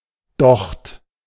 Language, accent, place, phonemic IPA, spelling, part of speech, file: German, Germany, Berlin, /dɔxt/, Docht, noun, De-Docht.ogg
- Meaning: wick (porous cord that draws up liquid fuel for burning)